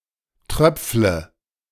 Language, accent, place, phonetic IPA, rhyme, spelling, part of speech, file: German, Germany, Berlin, [ˈtʁœp͡flə], -œp͡flə, tröpfle, verb, De-tröpfle.ogg
- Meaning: inflection of tröpfeln: 1. first-person singular present 2. first/third-person singular subjunctive I 3. singular imperative